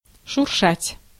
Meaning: to rustle (to move (something) with a soft crackling sound)
- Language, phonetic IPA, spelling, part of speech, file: Russian, [ʂʊrˈʂatʲ], шуршать, verb, Ru-шуршать.ogg